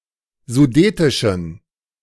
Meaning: inflection of sudetisch: 1. strong genitive masculine/neuter singular 2. weak/mixed genitive/dative all-gender singular 3. strong/weak/mixed accusative masculine singular 4. strong dative plural
- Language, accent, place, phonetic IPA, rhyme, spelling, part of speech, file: German, Germany, Berlin, [zuˈdeːtɪʃn̩], -eːtɪʃn̩, sudetischen, adjective, De-sudetischen.ogg